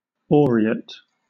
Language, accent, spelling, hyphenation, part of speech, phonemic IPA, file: English, Southern England, aureate, au‧re‧ate, adjective, /ˈɔːɹiːət/, LL-Q1860 (eng)-aureate.wav
- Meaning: 1. Golden in color or shine 2. Of language: characterized by the use of (excessively) ornamental or grandiose terms, often of Latin or French origin